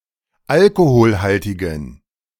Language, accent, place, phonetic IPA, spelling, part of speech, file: German, Germany, Berlin, [ˈalkohoːlhaltɪɡn̩], alkoholhaltigen, adjective, De-alkoholhaltigen.ogg
- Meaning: inflection of alkoholhaltig: 1. strong genitive masculine/neuter singular 2. weak/mixed genitive/dative all-gender singular 3. strong/weak/mixed accusative masculine singular 4. strong dative plural